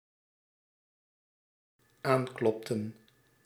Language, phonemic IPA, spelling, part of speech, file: Dutch, /ˈaŋklɔptə(n)/, aanklopten, verb, Nl-aanklopten.ogg
- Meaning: inflection of aankloppen: 1. plural dependent-clause past indicative 2. plural dependent-clause past subjunctive